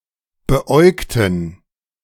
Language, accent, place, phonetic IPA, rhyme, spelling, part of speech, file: German, Germany, Berlin, [bəˈʔɔɪ̯ktn̩], -ɔɪ̯ktn̩, beäugten, adjective / verb, De-beäugten.ogg
- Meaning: inflection of beäugen: 1. first/third-person plural preterite 2. first/third-person plural subjunctive II